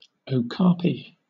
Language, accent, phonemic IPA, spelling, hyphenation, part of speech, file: English, Southern England, /ə(ʊ)ˈkɑːpi/, okapi, oka‧pi, noun, LL-Q1860 (eng)-okapi.wav
- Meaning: A ruminant (Okapia johnstoni) found in the rainforests of the Congo, related to the giraffe but with a much shorter neck, a reddish-brown coat, and zebra-like stripes on the hindquarters